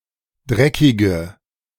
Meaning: inflection of dreckig: 1. strong/mixed nominative/accusative feminine singular 2. strong nominative/accusative plural 3. weak nominative all-gender singular 4. weak accusative feminine/neuter singular
- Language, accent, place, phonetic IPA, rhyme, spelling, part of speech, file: German, Germany, Berlin, [ˈdʁɛkɪɡə], -ɛkɪɡə, dreckige, adjective, De-dreckige.ogg